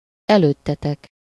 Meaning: second-person plural of előtte
- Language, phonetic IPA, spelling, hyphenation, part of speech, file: Hungarian, [ˈɛløːtːɛtɛk], előttetek, előt‧te‧tek, pronoun, Hu-előttetek.ogg